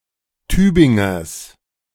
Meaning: genitive singular of Tübinger
- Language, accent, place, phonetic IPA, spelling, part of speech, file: German, Germany, Berlin, [ˈtyːbɪŋɐs], Tübingers, noun, De-Tübingers.ogg